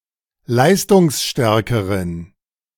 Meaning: inflection of leistungsstark: 1. strong genitive masculine/neuter singular comparative degree 2. weak/mixed genitive/dative all-gender singular comparative degree
- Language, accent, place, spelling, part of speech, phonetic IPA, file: German, Germany, Berlin, leistungsstärkeren, adjective, [ˈlaɪ̯stʊŋsˌʃtɛʁkəʁən], De-leistungsstärkeren.ogg